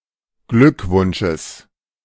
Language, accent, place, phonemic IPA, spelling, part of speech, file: German, Germany, Berlin, /ˈɡlʏkvʊnʃəs/, Glückwunsches, noun, De-Glückwunsches.ogg
- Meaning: genitive singular of Glückwunsch